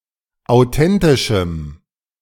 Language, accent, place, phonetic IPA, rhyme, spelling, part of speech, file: German, Germany, Berlin, [aʊ̯ˈtɛntɪʃm̩], -ɛntɪʃm̩, authentischem, adjective, De-authentischem.ogg
- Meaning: strong dative masculine/neuter singular of authentisch